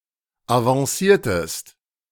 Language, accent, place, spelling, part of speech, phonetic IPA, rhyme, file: German, Germany, Berlin, avanciertest, verb, [avɑ̃ˈsiːɐ̯təst], -iːɐ̯təst, De-avanciertest.ogg
- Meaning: inflection of avancieren: 1. second-person singular preterite 2. second-person singular subjunctive II